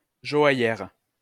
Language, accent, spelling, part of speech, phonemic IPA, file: French, France, joaillère, noun, /ʒɔ.a.jɛʁ/, LL-Q150 (fra)-joaillère.wav
- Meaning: female equivalent of joailler; post-1990 spelling of joaillière (“female jeweller”)